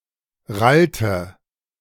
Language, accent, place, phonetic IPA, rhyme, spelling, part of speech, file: German, Germany, Berlin, [ˈʁaltə], -altə, rallte, verb, De-rallte.ogg
- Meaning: inflection of rallen: 1. first/third-person singular preterite 2. first/third-person singular subjunctive II